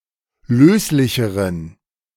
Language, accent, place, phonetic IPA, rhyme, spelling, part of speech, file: German, Germany, Berlin, [ˈløːslɪçəʁən], -øːslɪçəʁən, löslicheren, adjective, De-löslicheren.ogg
- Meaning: inflection of löslich: 1. strong genitive masculine/neuter singular comparative degree 2. weak/mixed genitive/dative all-gender singular comparative degree